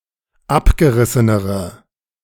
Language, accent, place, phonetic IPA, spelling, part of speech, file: German, Germany, Berlin, [ˈapɡəˌʁɪsənəʁə], abgerissenere, adjective, De-abgerissenere.ogg
- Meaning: inflection of abgerissen: 1. strong/mixed nominative/accusative feminine singular comparative degree 2. strong nominative/accusative plural comparative degree